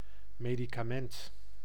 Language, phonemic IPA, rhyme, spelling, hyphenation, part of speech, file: Dutch, /ˌmeː.di.kaːˈmɛnt/, -ɛnt, medicament, me‧di‧ca‧ment, noun, Nl-medicament.ogg
- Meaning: a medicament, a medicine